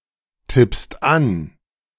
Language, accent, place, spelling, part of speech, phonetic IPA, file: German, Germany, Berlin, tippst an, verb, [ˌtɪpst ˈan], De-tippst an.ogg
- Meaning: second-person singular present of antippen